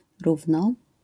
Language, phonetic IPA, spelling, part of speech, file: Polish, [ˈruvnɔ], równo, adverb, LL-Q809 (pol)-równo.wav